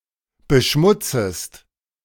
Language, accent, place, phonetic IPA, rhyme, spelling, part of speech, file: German, Germany, Berlin, [bəˈʃmʊt͡səst], -ʊt͡səst, beschmutzest, verb, De-beschmutzest.ogg
- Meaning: second-person singular subjunctive I of beschmutzen